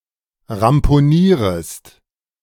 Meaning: second-person singular subjunctive I of ramponieren
- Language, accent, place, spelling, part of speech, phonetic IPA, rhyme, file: German, Germany, Berlin, ramponierest, verb, [ʁampoˈniːʁəst], -iːʁəst, De-ramponierest.ogg